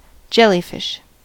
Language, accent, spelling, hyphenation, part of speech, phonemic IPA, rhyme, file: English, US, jellyfish, jel‧ly‧fish, noun, /ˈd͡ʒɛliˌfɪʃ/, -ɛlifɪʃ, En-us-jellyfish.ogg
- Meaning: An almost transparent aquatic animal; any one of the acalephs, especially one of the larger species, having a jellylike appearance